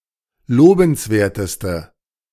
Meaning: inflection of lobenswert: 1. strong/mixed nominative/accusative feminine singular superlative degree 2. strong nominative/accusative plural superlative degree
- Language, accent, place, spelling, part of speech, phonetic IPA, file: German, Germany, Berlin, lobenswerteste, adjective, [ˈloːbn̩sˌveːɐ̯təstə], De-lobenswerteste.ogg